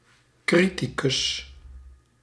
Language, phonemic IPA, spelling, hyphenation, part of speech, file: Dutch, /ˈkri.ti.kʏs/, criticus, cri‧ti‧cus, noun, Nl-criticus.ogg
- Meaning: critic